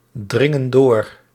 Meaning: inflection of doordringen: 1. plural present indicative 2. plural present subjunctive
- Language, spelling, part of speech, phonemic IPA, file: Dutch, dringen door, verb, /ˈdrɪŋə(n) ˈdor/, Nl-dringen door.ogg